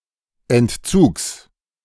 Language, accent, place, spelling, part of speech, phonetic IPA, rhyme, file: German, Germany, Berlin, Entzugs, noun, [ɛntˈt͡suːks], -uːks, De-Entzugs.ogg
- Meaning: genitive singular of Entzug